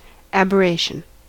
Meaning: The act of wandering; deviation from truth, moral rectitude; abnormal; divergence from the straight, correct, proper, normal, or from the natural state
- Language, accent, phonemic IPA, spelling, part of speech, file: English, US, /ˌæb.əˈɹeɪ.ʃn̩/, aberration, noun, En-us-aberration.ogg